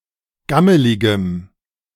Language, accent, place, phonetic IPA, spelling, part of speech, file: German, Germany, Berlin, [ˈɡaməlɪɡəm], gammeligem, adjective, De-gammeligem.ogg
- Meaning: strong dative masculine/neuter singular of gammelig